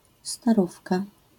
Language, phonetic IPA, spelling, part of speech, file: Polish, [staˈrufka], starówka, noun, LL-Q809 (pol)-starówka.wav